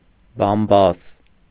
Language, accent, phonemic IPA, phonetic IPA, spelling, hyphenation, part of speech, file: Armenian, Eastern Armenian, /bɑmˈbɑs/, [bɑmbɑ́s], բամբաս, բամ‧բաս, noun, Hy-բամբաս.ogg
- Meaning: gossip